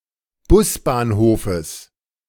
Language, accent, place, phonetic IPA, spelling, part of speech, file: German, Germany, Berlin, [ˈbʊsbaːnˌhoːfəs], Busbahnhofes, noun, De-Busbahnhofes.ogg
- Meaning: genitive singular of Busbahnhof